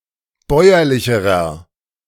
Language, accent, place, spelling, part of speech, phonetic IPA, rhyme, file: German, Germany, Berlin, bäuerlicherer, adjective, [ˈbɔɪ̯ɐlɪçəʁɐ], -ɔɪ̯ɐlɪçəʁɐ, De-bäuerlicherer.ogg
- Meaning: inflection of bäuerlich: 1. strong/mixed nominative masculine singular comparative degree 2. strong genitive/dative feminine singular comparative degree 3. strong genitive plural comparative degree